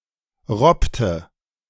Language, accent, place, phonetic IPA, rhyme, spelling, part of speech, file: German, Germany, Berlin, [ˈʁɔptə], -ɔptə, robbte, verb, De-robbte.ogg
- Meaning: inflection of robben: 1. first/third-person singular preterite 2. first/third-person singular subjunctive II